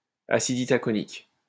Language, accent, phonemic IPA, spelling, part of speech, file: French, France, /a.sid i.ta.kɔ.nik/, acide itaconique, noun, LL-Q150 (fra)-acide itaconique.wav
- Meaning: itaconic acid